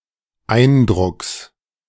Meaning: genitive singular of Eindruck
- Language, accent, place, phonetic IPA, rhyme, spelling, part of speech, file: German, Germany, Berlin, [ˈaɪ̯nˌdʁʊks], -aɪ̯ndʁʊks, Eindrucks, noun, De-Eindrucks.ogg